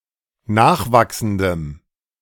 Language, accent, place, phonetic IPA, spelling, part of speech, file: German, Germany, Berlin, [ˈnaːxˌvaksn̩dəm], nachwachsendem, adjective, De-nachwachsendem.ogg
- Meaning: strong dative masculine/neuter singular of nachwachsend